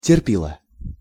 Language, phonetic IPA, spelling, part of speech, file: Russian, [tʲɪrˈpʲiɫə], терпила, noun, Ru-терпила.ogg
- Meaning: a person unable to stand up for themselves